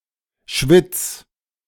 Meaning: singular imperative of schwitzen
- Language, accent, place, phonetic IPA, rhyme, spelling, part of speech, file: German, Germany, Berlin, [ʃvɪt͡s], -ɪt͡s, schwitz, verb, De-schwitz.ogg